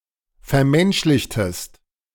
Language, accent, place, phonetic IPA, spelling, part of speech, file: German, Germany, Berlin, [fɛɐ̯ˈmɛnʃlɪçtəst], vermenschlichtest, verb, De-vermenschlichtest.ogg
- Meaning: inflection of vermenschlichen: 1. second-person singular preterite 2. second-person singular subjunctive II